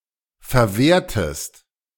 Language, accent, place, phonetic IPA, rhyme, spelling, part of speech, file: German, Germany, Berlin, [fɛɐ̯ˈveːɐ̯təst], -eːɐ̯təst, verwehrtest, verb, De-verwehrtest.ogg
- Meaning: inflection of verwehren: 1. second-person singular preterite 2. second-person singular subjunctive II